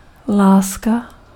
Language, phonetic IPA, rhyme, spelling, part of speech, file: Czech, [ˈlaːska], -aːska, láska, noun, Cs-láska.ogg
- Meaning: 1. love (intense feeling of affection and care toward another person) 2. love (object of one’s romantic feelings)